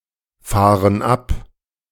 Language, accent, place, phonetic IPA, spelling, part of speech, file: German, Germany, Berlin, [ˌfaːʁən ˈap], fahren ab, verb, De-fahren ab.ogg
- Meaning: inflection of abfahren: 1. first/third-person plural present 2. first/third-person plural subjunctive I